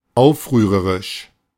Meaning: rebellious; riotous
- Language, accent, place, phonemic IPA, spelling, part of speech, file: German, Germany, Berlin, /ˈaʊ̯fˌʁyːʁɐʁɪʃ/, aufrührerisch, adjective, De-aufrührerisch.ogg